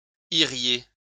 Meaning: second-person plural conditional of aller
- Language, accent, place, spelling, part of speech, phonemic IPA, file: French, France, Lyon, iriez, verb, /i.ʁje/, LL-Q150 (fra)-iriez.wav